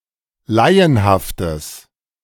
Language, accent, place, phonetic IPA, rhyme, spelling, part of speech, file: German, Germany, Berlin, [ˈlaɪ̯ənhaftəs], -aɪ̯ənhaftəs, laienhaftes, adjective, De-laienhaftes.ogg
- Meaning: strong/mixed nominative/accusative neuter singular of laienhaft